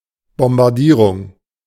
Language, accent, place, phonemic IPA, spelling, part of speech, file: German, Germany, Berlin, /ˌbɔmbarˈdiːrʊŋ/, Bombardierung, noun, De-Bombardierung.ogg
- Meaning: bombing, bombardment, shelling